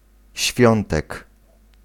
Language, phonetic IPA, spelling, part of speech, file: Polish, [ˈɕfʲjɔ̃ntɛk], świątek, noun, Pl-świątek.ogg